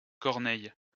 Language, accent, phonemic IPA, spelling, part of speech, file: French, France, /kɔʁ.nɛj/, Corneille, proper noun, LL-Q150 (fra)-Corneille.wav
- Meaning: 1. a male given name from Latin or Breton, equivalent to English Cornelius 2. a French surname